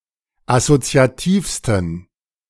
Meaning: 1. superlative degree of assoziativ 2. inflection of assoziativ: strong genitive masculine/neuter singular superlative degree
- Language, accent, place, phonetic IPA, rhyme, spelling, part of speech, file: German, Germany, Berlin, [asot͡si̯aˈtiːfstn̩], -iːfstn̩, assoziativsten, adjective, De-assoziativsten.ogg